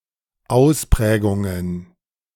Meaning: plural of Ausprägung
- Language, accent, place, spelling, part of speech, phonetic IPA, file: German, Germany, Berlin, Ausprägungen, noun, [ˈaʊ̯sˌpʁɛːɡʊŋən], De-Ausprägungen.ogg